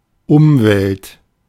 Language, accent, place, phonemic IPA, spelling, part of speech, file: German, Germany, Berlin, /ˈʊmvɛlt/, Umwelt, noun, De-Umwelt.ogg
- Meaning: 1. environment; milieu; surroundings 2. environment; ecosystem